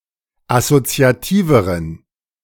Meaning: inflection of assoziativ: 1. strong genitive masculine/neuter singular comparative degree 2. weak/mixed genitive/dative all-gender singular comparative degree
- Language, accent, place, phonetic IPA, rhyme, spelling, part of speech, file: German, Germany, Berlin, [asot͡si̯aˈtiːvəʁən], -iːvəʁən, assoziativeren, adjective, De-assoziativeren.ogg